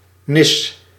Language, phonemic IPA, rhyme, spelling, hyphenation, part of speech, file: Dutch, /nɪs/, -ɪs, nis, nis, noun, Nl-nis.ogg
- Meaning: niche